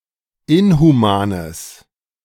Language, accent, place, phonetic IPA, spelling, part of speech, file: German, Germany, Berlin, [ˈɪnhuˌmaːnəs], inhumanes, adjective, De-inhumanes.ogg
- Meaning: strong/mixed nominative/accusative neuter singular of inhuman